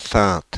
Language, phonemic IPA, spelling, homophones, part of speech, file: French, /sɛ̃t/, Saintes, ceinte / ceintes / Cynthe / sainte / saintes, proper noun, Fr-Saintes.ogg
- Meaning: 1. Saintes; A city in the southeastern French département Charente-Maritime, the former capital of the Saintonge province 2. Saintes; A French Catholic diocese named after the above, its see